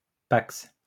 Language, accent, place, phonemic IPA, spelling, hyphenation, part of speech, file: French, France, Lyon, /paks/, PACS, PACS, noun, LL-Q150 (fra)-PACS.wav
- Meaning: civil partnership